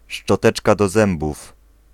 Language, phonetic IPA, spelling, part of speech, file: Polish, [ʃt͡ʃɔˈtɛt͡ʃka dɔ‿ˈzɛ̃mbuf], szczoteczka do zębów, noun, Pl-szczoteczka do zębów.ogg